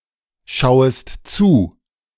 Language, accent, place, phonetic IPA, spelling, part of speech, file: German, Germany, Berlin, [ˌʃaʊ̯əst ˈt͡suː], schauest zu, verb, De-schauest zu.ogg
- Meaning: second-person singular subjunctive I of zuschauen